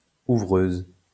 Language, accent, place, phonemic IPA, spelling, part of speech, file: French, France, Lyon, /u.vʁøz/, ouvreuse, noun, LL-Q150 (fra)-ouvreuse.wav
- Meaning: female equivalent of ouvreur (“usherette”)